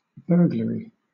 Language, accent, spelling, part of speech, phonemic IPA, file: English, Southern England, burglary, noun, /ˈbɜː.ɡlə.ɹi/, LL-Q1860 (eng)-burglary.wav
- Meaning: The crime of unlawfully breaking into a vehicle, house, store, or other enclosure with the intent to steal